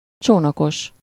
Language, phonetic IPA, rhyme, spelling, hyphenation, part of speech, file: Hungarian, [ˈt͡ʃoːnɒkoʃ], -oʃ, csónakos, csó‧na‧kos, adjective / noun, Hu-csónakos.ogg
- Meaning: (adjective) 1. having a boat 2. carinate; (noun) boatman, waterman, bargee